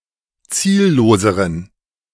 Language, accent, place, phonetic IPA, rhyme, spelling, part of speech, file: German, Germany, Berlin, [ˈt͡siːlloːzəʁən], -iːlloːzəʁən, zielloseren, adjective, De-zielloseren.ogg
- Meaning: inflection of ziellos: 1. strong genitive masculine/neuter singular comparative degree 2. weak/mixed genitive/dative all-gender singular comparative degree